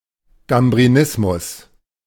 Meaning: beer addiction
- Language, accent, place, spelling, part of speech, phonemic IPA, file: German, Germany, Berlin, Gambrinismus, noun, /ɡambʁiˈnɪsmʊs/, De-Gambrinismus.ogg